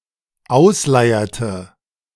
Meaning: inflection of ausleiern: 1. first/third-person singular dependent preterite 2. first/third-person singular dependent subjunctive II
- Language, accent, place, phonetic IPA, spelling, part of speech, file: German, Germany, Berlin, [ˈaʊ̯sˌlaɪ̯ɐtə], ausleierte, verb, De-ausleierte.ogg